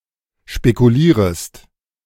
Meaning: second-person singular subjunctive I of spekulieren
- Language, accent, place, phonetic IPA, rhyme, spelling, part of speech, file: German, Germany, Berlin, [ʃpekuˈliːʁəst], -iːʁəst, spekulierest, verb, De-spekulierest.ogg